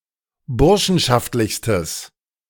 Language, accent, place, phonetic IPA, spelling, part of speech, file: German, Germany, Berlin, [ˈbʊʁʃn̩ʃaftlɪçstəs], burschenschaftlichstes, adjective, De-burschenschaftlichstes.ogg
- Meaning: strong/mixed nominative/accusative neuter singular superlative degree of burschenschaftlich